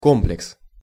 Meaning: 1. complex (e.g., a collection of buildings) 2. complex 3. insecurity
- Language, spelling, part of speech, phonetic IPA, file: Russian, комплекс, noun, [ˈkomplʲɪks], Ru-комплекс.ogg